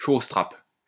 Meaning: 1. caltrop (small, metal object with spikes arranged so that, when thrown onto the ground, one always faces up as a threat to pedestrians, horses, and vehicles) 2. trap, snare (for animals)
- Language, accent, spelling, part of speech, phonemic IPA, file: French, France, chausse-trape, noun, /ʃos.tʁap/, LL-Q150 (fra)-chausse-trape.wav